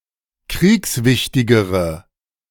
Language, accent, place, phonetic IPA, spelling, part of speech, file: German, Germany, Berlin, [ˈkʁiːksˌvɪçtɪɡəʁə], kriegswichtigere, adjective, De-kriegswichtigere.ogg
- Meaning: inflection of kriegswichtig: 1. strong/mixed nominative/accusative feminine singular comparative degree 2. strong nominative/accusative plural comparative degree